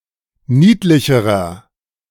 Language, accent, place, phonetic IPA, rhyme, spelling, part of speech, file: German, Germany, Berlin, [ˈniːtlɪçəʁɐ], -iːtlɪçəʁɐ, niedlicherer, adjective, De-niedlicherer.ogg
- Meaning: inflection of niedlich: 1. strong/mixed nominative masculine singular comparative degree 2. strong genitive/dative feminine singular comparative degree 3. strong genitive plural comparative degree